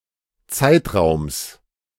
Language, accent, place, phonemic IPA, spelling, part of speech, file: German, Germany, Berlin, /ˈtsaɪ̯tʁaʊ̯ms/, Zeitraums, noun, De-Zeitraums.ogg
- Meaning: genitive singular of Zeitraum